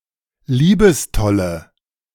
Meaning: inflection of liebestoll: 1. strong/mixed nominative/accusative feminine singular 2. strong nominative/accusative plural 3. weak nominative all-gender singular
- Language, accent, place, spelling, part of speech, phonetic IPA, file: German, Germany, Berlin, liebestolle, adjective, [ˈliːbəsˌtɔlə], De-liebestolle.ogg